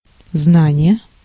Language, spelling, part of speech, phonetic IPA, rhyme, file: Russian, знание, noun, [ˈznanʲɪje], -anʲɪje, Ru-знание.ogg
- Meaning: knowledge, erudition